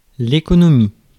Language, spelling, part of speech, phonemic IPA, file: French, économie, noun, /e.kɔ.nɔ.mi/, Fr-économie.ogg
- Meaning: 1. economy 2. economics (the study of resource and wealth allocation, consumption, and distribution, of capital and investment, and of management of the factors of production)